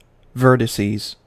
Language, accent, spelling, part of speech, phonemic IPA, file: English, US, vertices, noun, /ˈvɝtɪsiːz/, En-us-vertices.ogg
- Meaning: plural of vertex